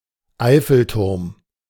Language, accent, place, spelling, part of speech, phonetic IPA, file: German, Germany, Berlin, Eiffelturm, noun, [ˈaɪ̯fl̩ˌtʊʁm], De-Eiffelturm.ogg
- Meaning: Eiffel Tower (famous iron tower in Paris)